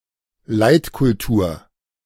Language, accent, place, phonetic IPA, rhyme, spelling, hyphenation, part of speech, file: German, Germany, Berlin, [ˈlaɪ̯tkʊlˌtuːɐ̯], -uːɐ̯, Leitkultur, Leit‧kul‧tur, noun, De-Leitkultur.ogg
- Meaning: The values of modern Western culture, including democracy, secularism, the Enlightenment, human rights, and civil society